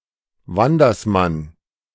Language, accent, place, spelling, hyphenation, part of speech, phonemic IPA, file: German, Germany, Berlin, Wandersmann, Wan‧ders‧mann, noun, /ˈvandɐsman/, De-Wandersmann.ogg
- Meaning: wayfarer